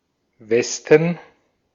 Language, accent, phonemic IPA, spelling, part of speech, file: German, Austria, /ˈvɛstən/, Westen, noun, De-at-Westen.ogg
- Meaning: 1. west 2. The area of Western Germany, i.e. those territories which were never part of the GDR 3. nominative plural of Weste 4. genitive plural of Weste 5. dative plural of Weste